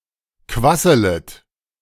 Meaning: second-person plural subjunctive I of quasseln
- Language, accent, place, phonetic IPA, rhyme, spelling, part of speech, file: German, Germany, Berlin, [ˈkvasələt], -asələt, quasselet, verb, De-quasselet.ogg